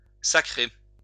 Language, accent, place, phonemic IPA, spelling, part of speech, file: French, France, Lyon, /sa.kʁe/, sacrer, verb, LL-Q150 (fra)-sacrer.wav
- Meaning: 1. to crown 2. to post (nominate to a certain post or position) 3. whack; slam (put violently) 4. to swear, curse; to run one's mouth 5. to throw, to fling